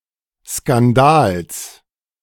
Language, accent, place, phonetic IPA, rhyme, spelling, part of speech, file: German, Germany, Berlin, [skanˈdaːls], -aːls, Skandals, noun, De-Skandals.ogg
- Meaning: genitive singular of Skandal